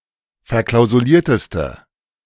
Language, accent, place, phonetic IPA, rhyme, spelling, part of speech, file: German, Germany, Berlin, [fɛɐ̯ˌklaʊ̯zuˈliːɐ̯təstə], -iːɐ̯təstə, verklausulierteste, adjective, De-verklausulierteste.ogg
- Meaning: inflection of verklausuliert: 1. strong/mixed nominative/accusative feminine singular superlative degree 2. strong nominative/accusative plural superlative degree